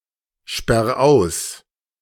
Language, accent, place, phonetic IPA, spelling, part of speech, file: German, Germany, Berlin, [ˌʃpɛʁ ˈaʊ̯s], sperr aus, verb, De-sperr aus.ogg
- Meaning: 1. singular imperative of aussperren 2. first-person singular present of aussperren